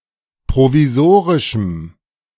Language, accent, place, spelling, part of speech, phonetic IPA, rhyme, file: German, Germany, Berlin, provisorischem, adjective, [pʁoviˈzoːʁɪʃm̩], -oːʁɪʃm̩, De-provisorischem.ogg
- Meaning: strong dative masculine/neuter singular of provisorisch